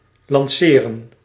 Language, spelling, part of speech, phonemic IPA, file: Dutch, lanceren, verb, /lɑnˈseː.rə(n)/, Nl-lanceren.ogg
- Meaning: to launch